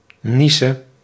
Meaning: singular present subjunctive of niesen
- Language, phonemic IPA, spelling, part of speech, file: Dutch, /ˈnisə/, niese, noun / verb, Nl-niese.ogg